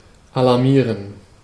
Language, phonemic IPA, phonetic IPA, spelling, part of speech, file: German, /alaʁˈmiːʁən/, [ʔalaɐ̯ˈmiːɐ̯n], alarmieren, verb, De-alarmieren.ogg
- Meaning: to alarm